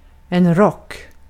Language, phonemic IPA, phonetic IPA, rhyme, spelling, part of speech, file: Swedish, /¹rɔk/, [¹rɔkː], -ɔk, rock, noun, Sv-rock.ogg
- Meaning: 1. a coat, an overcoat 2. rock, rock and roll